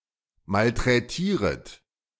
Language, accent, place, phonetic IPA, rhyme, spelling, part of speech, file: German, Germany, Berlin, [maltʁɛˈtiːʁət], -iːʁət, malträtieret, verb, De-malträtieret.ogg
- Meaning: second-person plural subjunctive I of malträtieren